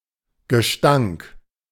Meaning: stench, stink, fetidness
- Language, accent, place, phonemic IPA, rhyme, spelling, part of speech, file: German, Germany, Berlin, /ɡəˈʃtaŋk/, -aŋk, Gestank, noun, De-Gestank.ogg